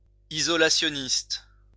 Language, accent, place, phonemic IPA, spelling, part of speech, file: French, France, Lyon, /i.zɔ.la.sjɔ.nist/, isolationniste, adjective, LL-Q150 (fra)-isolationniste.wav
- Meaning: of isolationism; isolationist